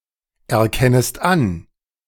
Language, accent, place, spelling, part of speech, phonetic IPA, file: German, Germany, Berlin, erkennest an, verb, [ɛɐ̯ˌkɛnəst ˈan], De-erkennest an.ogg
- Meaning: second-person singular subjunctive I of anerkennen